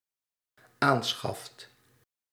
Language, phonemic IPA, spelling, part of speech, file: Dutch, /ˈansxɑft/, aanschaft, verb, Nl-aanschaft.ogg
- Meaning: second/third-person singular dependent-clause present indicative of aanschaffen